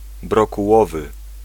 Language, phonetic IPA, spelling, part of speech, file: Polish, [ˌbrɔkuˈwɔvɨ], brokułowy, adjective, Pl-brokułowy.ogg